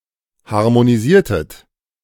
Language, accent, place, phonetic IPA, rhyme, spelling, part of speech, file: German, Germany, Berlin, [haʁmoniˈziːɐ̯tət], -iːɐ̯tət, harmonisiertet, verb, De-harmonisiertet.ogg
- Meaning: inflection of harmonisieren: 1. second-person plural preterite 2. second-person plural subjunctive II